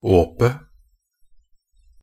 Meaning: definite singular of åp
- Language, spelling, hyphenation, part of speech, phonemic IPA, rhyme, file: Norwegian Bokmål, åpet, åp‧et, noun, /ˈoːpə/, -oːpə, Nb-åpet.ogg